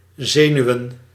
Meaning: plural of zenuw
- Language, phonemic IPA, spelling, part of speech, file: Dutch, /ˈzeːnyʋən/, zenuwen, noun, Nl-zenuwen.ogg